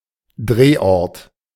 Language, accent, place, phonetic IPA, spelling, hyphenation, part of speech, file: German, Germany, Berlin, [ˈdʀeːˌʔɔʁt], Drehort, Dreh‧ort, noun, De-Drehort.ogg
- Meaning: location (The place where a film or a scene is shot.)